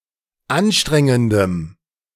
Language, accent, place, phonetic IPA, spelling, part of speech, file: German, Germany, Berlin, [ˈanˌʃtʁɛŋəndəm], anstrengendem, adjective, De-anstrengendem.ogg
- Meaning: strong dative masculine/neuter singular of anstrengend